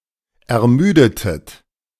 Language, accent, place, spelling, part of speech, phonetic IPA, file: German, Germany, Berlin, ermüdetet, verb, [ɛɐ̯ˈmyːdətət], De-ermüdetet.ogg
- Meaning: inflection of ermüden: 1. second-person plural preterite 2. second-person plural subjunctive II